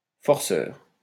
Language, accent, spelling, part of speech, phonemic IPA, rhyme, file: French, France, forceur, noun, /fɔʁ.sœʁ/, -œʁ, LL-Q150 (fra)-forceur.wav
- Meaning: 1. forcer 2. aggressor